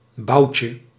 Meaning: diminutive of bout
- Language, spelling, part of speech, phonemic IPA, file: Dutch, boutje, noun, /ˈbɑucə/, Nl-boutje.ogg